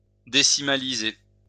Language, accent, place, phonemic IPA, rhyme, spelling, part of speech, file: French, France, Lyon, /de.si.ma.li.ze/, -e, décimaliser, verb, LL-Q150 (fra)-décimaliser.wav
- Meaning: to decimalise; to decimalize